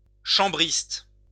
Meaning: 1. a member of a certain French Catholic sect in the early nineteenth century 2. a player of chamber music
- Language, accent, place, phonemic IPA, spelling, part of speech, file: French, France, Lyon, /ʃɑ̃.bʁist/, chambriste, noun, LL-Q150 (fra)-chambriste.wav